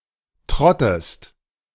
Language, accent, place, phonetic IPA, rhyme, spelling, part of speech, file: German, Germany, Berlin, [ˈtʁɔtəst], -ɔtəst, trottest, verb, De-trottest.ogg
- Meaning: inflection of trotten: 1. second-person singular present 2. second-person singular subjunctive I